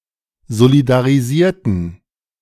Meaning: inflection of solidarisieren: 1. first/third-person plural preterite 2. first/third-person plural subjunctive II
- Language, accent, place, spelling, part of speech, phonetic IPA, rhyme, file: German, Germany, Berlin, solidarisierten, adjective / verb, [zolidaʁiˈziːɐ̯tn̩], -iːɐ̯tn̩, De-solidarisierten.ogg